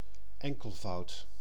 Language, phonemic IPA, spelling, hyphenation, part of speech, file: Dutch, /ˈɛŋ.kəl.vɑu̯t/, enkelvoud, en‧kel‧voud, noun, Nl-enkelvoud.ogg
- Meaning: singular